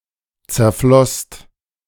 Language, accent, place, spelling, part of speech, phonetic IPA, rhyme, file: German, Germany, Berlin, zerflosst, verb, [t͡sɛɐ̯ˈflɔst], -ɔst, De-zerflosst.ogg
- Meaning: second-person singular/plural preterite of zerfließen